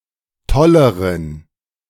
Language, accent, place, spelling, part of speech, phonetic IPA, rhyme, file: German, Germany, Berlin, tolleren, adjective, [ˈtɔləʁən], -ɔləʁən, De-tolleren.ogg
- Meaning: inflection of toll: 1. strong genitive masculine/neuter singular comparative degree 2. weak/mixed genitive/dative all-gender singular comparative degree